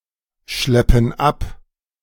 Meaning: inflection of abschleppen: 1. first/third-person plural present 2. first/third-person plural subjunctive I
- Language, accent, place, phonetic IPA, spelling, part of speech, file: German, Germany, Berlin, [ˌʃlɛpn̩ ˈap], schleppen ab, verb, De-schleppen ab.ogg